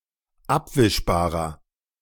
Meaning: inflection of abwischbar: 1. strong/mixed nominative masculine singular 2. strong genitive/dative feminine singular 3. strong genitive plural
- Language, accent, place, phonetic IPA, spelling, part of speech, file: German, Germany, Berlin, [ˈapvɪʃbaːʁɐ], abwischbarer, adjective, De-abwischbarer.ogg